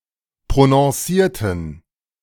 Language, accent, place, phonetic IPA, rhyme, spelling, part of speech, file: German, Germany, Berlin, [pʁonɔ̃ˈsiːɐ̯tn̩], -iːɐ̯tn̩, prononcierten, adjective / verb, De-prononcierten.ogg
- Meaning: inflection of prononciert: 1. strong genitive masculine/neuter singular 2. weak/mixed genitive/dative all-gender singular 3. strong/weak/mixed accusative masculine singular 4. strong dative plural